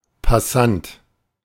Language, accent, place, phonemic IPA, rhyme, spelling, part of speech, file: German, Germany, Berlin, /paˈsant/, -ant, Passant, noun, De-Passant.ogg
- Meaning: passer-by